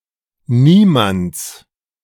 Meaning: genitive of niemand
- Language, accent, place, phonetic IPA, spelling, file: German, Germany, Berlin, [ˈniːmant͡s], niemands, De-niemands.ogg